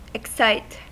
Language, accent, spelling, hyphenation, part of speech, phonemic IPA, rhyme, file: English, US, excite, ex‧cite, verb, /ɪkˈsaɪt/, -aɪt, En-us-excite.ogg
- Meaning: 1. To stir the emotions of; to cause to feel excitement 2. To arouse or bring out (e.g. feelings); to stimulate